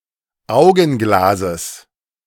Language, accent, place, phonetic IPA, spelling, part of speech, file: German, Germany, Berlin, [ˈaʊ̯ɡn̩ˌɡlazəs], Augenglases, noun, De-Augenglases.ogg
- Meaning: genitive singular of Augenglas